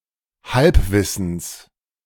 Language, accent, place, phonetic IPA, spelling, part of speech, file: German, Germany, Berlin, [ˈhalpˌvɪsn̩s], Halbwissens, noun, De-Halbwissens.ogg
- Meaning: genitive of Halbwissen